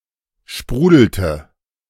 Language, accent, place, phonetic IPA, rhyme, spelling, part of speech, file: German, Germany, Berlin, [ˈʃpʁuːdl̩tə], -uːdl̩tə, sprudelte, verb, De-sprudelte.ogg
- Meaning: inflection of sprudeln: 1. first/third-person singular preterite 2. first/third-person singular subjunctive II